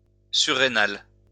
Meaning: suprarenal
- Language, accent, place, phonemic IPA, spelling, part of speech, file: French, France, Lyon, /sy.ʁe.nal/, surrénal, adjective, LL-Q150 (fra)-surrénal.wav